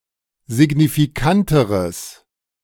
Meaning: strong/mixed nominative/accusative neuter singular comparative degree of signifikant
- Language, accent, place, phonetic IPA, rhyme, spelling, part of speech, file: German, Germany, Berlin, [zɪɡnifiˈkantəʁəs], -antəʁəs, signifikanteres, adjective, De-signifikanteres.ogg